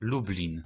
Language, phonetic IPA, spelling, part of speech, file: Polish, [ˈlublʲĩn], Lublin, proper noun, Pl-Lublin.ogg